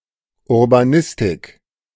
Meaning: urbanism; (study of cities)
- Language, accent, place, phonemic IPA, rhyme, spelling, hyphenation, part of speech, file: German, Germany, Berlin, /ʊʁbaˈnɪstɪk/, -ɪstɪk, Urbanistik, Ur‧ba‧nis‧tik, noun, De-Urbanistik.ogg